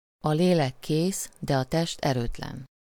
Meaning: the spirit is willing but the flesh is weak
- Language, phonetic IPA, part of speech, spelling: Hungarian, [ɒ ˈleːlɛk ˈkeːs dɛ ɒ ˈtɛʃt ˈɛrøːtlɛn], proverb, a lélek kész, de a test erőtlen